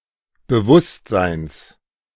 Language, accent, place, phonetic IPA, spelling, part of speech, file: German, Germany, Berlin, [bəˈvʊstzaɪ̯ns], Bewusstseins, noun, De-Bewusstseins.ogg
- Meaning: genitive singular of Bewusstsein